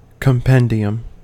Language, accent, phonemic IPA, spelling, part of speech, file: English, US, /kəmˈpɛn.di.əm/, compendium, noun, En-us-compendium.ogg
- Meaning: 1. A short, complete summary; an abstract 2. A list or collection of various items 3. A list or collection of various items.: A collection of board games packaged in a single box